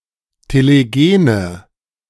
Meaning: inflection of telegen: 1. strong/mixed nominative/accusative feminine singular 2. strong nominative/accusative plural 3. weak nominative all-gender singular 4. weak accusative feminine/neuter singular
- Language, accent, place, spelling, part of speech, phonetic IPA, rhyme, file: German, Germany, Berlin, telegene, adjective, [teleˈɡeːnə], -eːnə, De-telegene.ogg